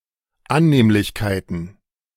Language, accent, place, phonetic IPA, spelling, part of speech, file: German, Germany, Berlin, [ˈanneːmlɪçkaɪ̯tn̩], Annehmlichkeiten, noun, De-Annehmlichkeiten.ogg
- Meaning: plural of Annehmlichkeit